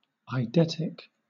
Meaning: 1. Marked by or resulting from extraordinary ability to recall detailed and vivid mental images of visual images 2. Of or relating to the essential forms of a phenomena
- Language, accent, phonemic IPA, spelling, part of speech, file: English, Southern England, /aɪˈdɛtɪk/, eidetic, adjective, LL-Q1860 (eng)-eidetic.wav